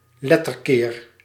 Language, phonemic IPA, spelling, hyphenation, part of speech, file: Dutch, /ˈlɛ.tərˌkeːr/, letterkeer, let‧ter‧keer, noun, Nl-letterkeer.ogg
- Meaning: anagram